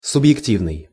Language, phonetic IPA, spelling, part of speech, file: Russian, [sʊbjɪkˈtʲivnɨj], субъективный, adjective, Ru-субъективный.ogg
- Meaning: subjective